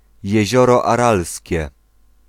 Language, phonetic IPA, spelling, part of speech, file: Polish, [jɛ̇ˈʑɔrɔ aˈralsʲcɛ], Jezioro Aralskie, proper noun, Pl-Jezioro Aralskie.ogg